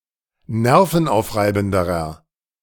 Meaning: inflection of nervenaufreibend: 1. strong/mixed nominative masculine singular comparative degree 2. strong genitive/dative feminine singular comparative degree
- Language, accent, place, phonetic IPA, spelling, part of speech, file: German, Germany, Berlin, [ˈnɛʁfn̩ˌʔaʊ̯fʁaɪ̯bn̩dəʁɐ], nervenaufreibenderer, adjective, De-nervenaufreibenderer.ogg